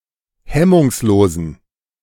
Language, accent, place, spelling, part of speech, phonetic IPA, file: German, Germany, Berlin, hemmungslosen, adjective, [ˈhɛmʊŋsˌloːzn̩], De-hemmungslosen.ogg
- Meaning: inflection of hemmungslos: 1. strong genitive masculine/neuter singular 2. weak/mixed genitive/dative all-gender singular 3. strong/weak/mixed accusative masculine singular 4. strong dative plural